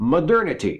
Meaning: 1. The quality of being modern or contemporary 2. Modern times 3. Quality of being of the modern period of contemporary historiography
- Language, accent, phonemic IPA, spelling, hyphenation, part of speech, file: English, US, /məˈdɝnɪti/, modernity, mo‧der‧ni‧ty, noun, En-us-modernity.ogg